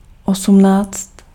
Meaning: eighteen
- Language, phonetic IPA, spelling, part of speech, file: Czech, [ˈosm̩naːt͡st], osmnáct, numeral, Cs-osmnáct.ogg